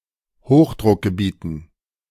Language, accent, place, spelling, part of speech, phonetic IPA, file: German, Germany, Berlin, Hochdruckgebieten, noun, [ˈhoxdʁʊkɡəˌbiːtn̩], De-Hochdruckgebieten.ogg
- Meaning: dative plural of Hochdruckgebiet